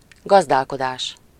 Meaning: 1. farming 2. housekeeping (management of a household) 3. management, economy, administration
- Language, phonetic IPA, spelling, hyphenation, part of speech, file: Hungarian, [ˈɡɒzdaːlkodaːʃ], gazdálkodás, gaz‧dál‧ko‧dás, noun, Hu-gazdálkodás.ogg